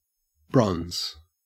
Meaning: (noun) 1. A naturally occurring or man-made alloy of copper, usually in combination with tin, but also with one or more other metals 2. A reddish-brown colour, the colour of bronze
- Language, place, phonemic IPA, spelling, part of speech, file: English, Queensland, /bɹɔnz/, bronze, noun / adjective / verb, En-au-bronze.ogg